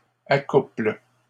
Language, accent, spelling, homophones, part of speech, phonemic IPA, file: French, Canada, accouple, accouplent / accouples, verb, /a.kupl/, LL-Q150 (fra)-accouple.wav
- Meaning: inflection of accoupler: 1. first/third-person singular present indicative/subjunctive 2. second-person singular imperative